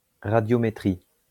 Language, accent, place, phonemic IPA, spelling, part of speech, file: French, France, Lyon, /ʁa.djɔ.me.tʁi/, radiométrie, noun, LL-Q150 (fra)-radiométrie.wav
- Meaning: radiometry